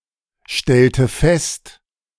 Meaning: inflection of feststellen: 1. first/third-person singular preterite 2. first/third-person singular subjunctive II
- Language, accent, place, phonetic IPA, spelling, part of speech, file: German, Germany, Berlin, [ˌʃtɛltə ˈfɛst], stellte fest, verb, De-stellte fest.ogg